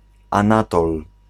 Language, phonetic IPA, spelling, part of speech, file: Polish, [ãˈnatɔl], Anatol, proper noun, Pl-Anatol.ogg